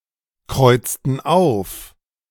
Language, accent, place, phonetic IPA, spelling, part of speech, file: German, Germany, Berlin, [ˌkʁɔɪ̯t͡stn̩ ˈaʊ̯f], kreuzten auf, verb, De-kreuzten auf.ogg
- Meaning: inflection of aufkreuzen: 1. first/third-person plural preterite 2. first/third-person plural subjunctive II